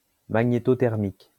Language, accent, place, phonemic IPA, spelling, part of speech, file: French, France, Lyon, /ma.ɲe.tɔ.tɛʁ.mik/, magnétothermique, adjective, LL-Q150 (fra)-magnétothermique.wav
- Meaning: magnetothermic